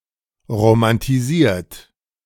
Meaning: 1. past participle of romantisieren 2. inflection of romantisieren: third-person singular present 3. inflection of romantisieren: second-person plural present
- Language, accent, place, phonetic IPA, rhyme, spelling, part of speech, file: German, Germany, Berlin, [ʁomantiˈziːɐ̯t], -iːɐ̯t, romantisiert, verb, De-romantisiert.ogg